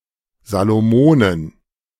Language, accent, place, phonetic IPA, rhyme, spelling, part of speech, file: German, Germany, Berlin, [ˌzaloˈmoːnən], -oːnən, Salomonen, proper noun, De-Salomonen.ogg
- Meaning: Solomon Islands (a country consisting of the majority of the Solomon Islands archipelago in Melanesia, in Oceania, as well as the Santa Cruz Islands)